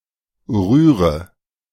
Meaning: inflection of rühren: 1. first-person singular present 2. first/third-person singular subjunctive I 3. singular imperative
- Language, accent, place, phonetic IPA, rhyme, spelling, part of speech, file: German, Germany, Berlin, [ˈʁyːʁə], -yːʁə, rühre, verb, De-rühre.ogg